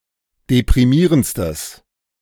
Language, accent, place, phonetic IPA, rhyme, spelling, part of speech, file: German, Germany, Berlin, [depʁiˈmiːʁənt͡stəs], -iːʁənt͡stəs, deprimierendstes, adjective, De-deprimierendstes.ogg
- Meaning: strong/mixed nominative/accusative neuter singular superlative degree of deprimierend